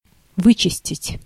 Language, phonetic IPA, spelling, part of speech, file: Russian, [ˈvɨt͡ɕɪsʲtʲɪtʲ], вычистить, verb, Ru-вычистить.ogg
- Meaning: 1. to clean (out, up, off) 2. to deseed, to remove the pips from something